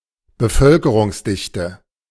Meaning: population density
- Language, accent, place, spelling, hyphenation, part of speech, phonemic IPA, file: German, Germany, Berlin, Bevölkerungsdichte, Be‧völ‧ke‧rungs‧dich‧te, noun, /ˌbəˈfœlkəʁʊŋsˌdɪçtə/, De-Bevölkerungsdichte.ogg